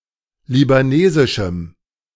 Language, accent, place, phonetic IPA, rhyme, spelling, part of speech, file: German, Germany, Berlin, [libaˈneːzɪʃm̩], -eːzɪʃm̩, libanesischem, adjective, De-libanesischem.ogg
- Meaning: strong dative masculine/neuter singular of libanesisch